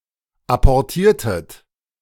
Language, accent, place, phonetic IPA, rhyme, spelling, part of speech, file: German, Germany, Berlin, [ˌapɔʁˈtiːɐ̯tət], -iːɐ̯tət, apportiertet, verb, De-apportiertet.ogg
- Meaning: inflection of apportieren: 1. second-person plural preterite 2. second-person plural subjunctive II